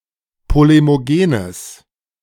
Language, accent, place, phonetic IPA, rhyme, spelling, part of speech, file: German, Germany, Berlin, [ˌpolemoˈɡeːnəs], -eːnəs, polemogenes, adjective, De-polemogenes.ogg
- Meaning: strong/mixed nominative/accusative neuter singular of polemogen